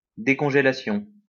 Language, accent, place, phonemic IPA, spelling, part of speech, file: French, France, Lyon, /de.kɔ̃.ʒe.la.sjɔ̃/, décongélation, noun, LL-Q150 (fra)-décongélation.wav
- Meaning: thawing, defrosting